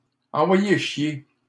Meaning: to send someone packing, to tell someone to fuck off
- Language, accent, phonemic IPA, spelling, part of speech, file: French, Canada, /ɑ̃.vwa.je ʃje/, envoyer chier, verb, LL-Q150 (fra)-envoyer chier.wav